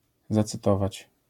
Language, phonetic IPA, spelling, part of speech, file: Polish, [ˌzat͡sɨˈtɔvat͡ɕ], zacytować, verb, LL-Q809 (pol)-zacytować.wav